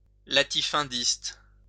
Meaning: latifundial
- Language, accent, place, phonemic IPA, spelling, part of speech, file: French, France, Lyon, /la.ti.fœ̃.dist/, latifundiste, adjective, LL-Q150 (fra)-latifundiste.wav